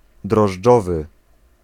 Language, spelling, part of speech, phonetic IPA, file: Polish, drożdżowy, adjective, [drɔʒˈd͡ʒɔvɨ], Pl-drożdżowy.ogg